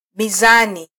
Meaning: 1. scales, balance (device for weighing goods) 2. poetic meter
- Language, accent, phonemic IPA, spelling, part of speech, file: Swahili, Kenya, /miˈzɑ.ni/, mizani, noun, Sw-ke-mizani.flac